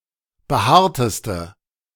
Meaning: inflection of behaart: 1. strong/mixed nominative/accusative feminine singular superlative degree 2. strong nominative/accusative plural superlative degree
- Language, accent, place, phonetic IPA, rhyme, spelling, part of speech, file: German, Germany, Berlin, [bəˈhaːɐ̯təstə], -aːɐ̯təstə, behaarteste, adjective, De-behaarteste.ogg